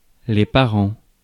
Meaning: plural of parent
- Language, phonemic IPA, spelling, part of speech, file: French, /pa.ʁɑ̃/, parents, noun, Fr-parents.ogg